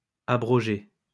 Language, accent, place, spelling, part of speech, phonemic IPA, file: French, France, Lyon, abrogée, verb, /a.bʁɔ.ʒe/, LL-Q150 (fra)-abrogée.wav
- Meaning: feminine singular of abrogé